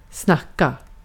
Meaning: 1. to talk 2. to boast emptily 3. to reveal secrets (especially during an interrogation)
- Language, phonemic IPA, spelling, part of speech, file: Swedish, /²snakːa/, snacka, verb, Sv-snacka.ogg